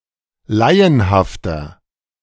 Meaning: 1. comparative degree of laienhaft 2. inflection of laienhaft: strong/mixed nominative masculine singular 3. inflection of laienhaft: strong genitive/dative feminine singular
- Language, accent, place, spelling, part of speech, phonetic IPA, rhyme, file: German, Germany, Berlin, laienhafter, adjective, [ˈlaɪ̯ənhaftɐ], -aɪ̯ənhaftɐ, De-laienhafter.ogg